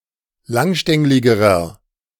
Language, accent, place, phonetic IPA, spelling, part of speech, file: German, Germany, Berlin, [ˈlaŋˌʃtɛŋlɪɡəʁɐ], langstängligerer, adjective, De-langstängligerer.ogg
- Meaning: inflection of langstänglig: 1. strong/mixed nominative masculine singular comparative degree 2. strong genitive/dative feminine singular comparative degree 3. strong genitive plural comparative degree